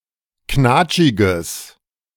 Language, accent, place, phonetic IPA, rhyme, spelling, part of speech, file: German, Germany, Berlin, [ˈknaːt͡ʃɪɡəs], -aːt͡ʃɪɡəs, knatschiges, adjective, De-knatschiges.ogg
- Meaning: strong/mixed nominative/accusative neuter singular of knatschig